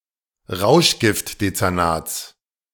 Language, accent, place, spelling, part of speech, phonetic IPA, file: German, Germany, Berlin, Rauschgiftdezernats, noun, [ˈʁaʊ̯ʃɡɪftdet͡sɛʁˌnaːt͡s], De-Rauschgiftdezernats.ogg
- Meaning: genitive singular of Rauschgiftdezernat